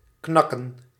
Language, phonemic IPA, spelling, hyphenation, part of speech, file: Dutch, /ˈknɑ.kə(n)/, knakken, knak‧ken, verb, Nl-knakken.ogg
- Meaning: 1. to break 2. to partially break without fully breaking